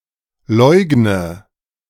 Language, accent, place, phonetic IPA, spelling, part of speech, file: German, Germany, Berlin, [ˈlɔɪ̯ɡnə], leugne, verb, De-leugne.ogg
- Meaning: inflection of leugnen: 1. first-person singular present 2. first/third-person singular subjunctive I 3. singular imperative